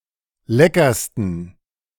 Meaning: 1. superlative degree of lecker 2. inflection of lecker: strong genitive masculine/neuter singular superlative degree
- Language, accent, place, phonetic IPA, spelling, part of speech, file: German, Germany, Berlin, [ˈlɛkɐstn̩], leckersten, adjective, De-leckersten.ogg